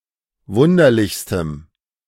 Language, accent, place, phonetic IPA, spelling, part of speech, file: German, Germany, Berlin, [ˈvʊndɐlɪçstəm], wunderlichstem, adjective, De-wunderlichstem.ogg
- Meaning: strong dative masculine/neuter singular superlative degree of wunderlich